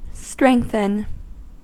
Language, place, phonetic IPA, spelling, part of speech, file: English, California, [ˈstɹeɪŋ(k)θən], strengthen, verb, En-us-strengthen.ogg
- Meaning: 1. To make strong or stronger; to add strength to; to increase the strength of; to fortify 2. To empower; to give moral strength to; to encourage; to enhearten 3. To augment; to improve; to intensify